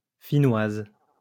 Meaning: female equivalent of Finnois
- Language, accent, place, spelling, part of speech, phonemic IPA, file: French, France, Lyon, Finnoise, noun, /fi.nwaz/, LL-Q150 (fra)-Finnoise.wav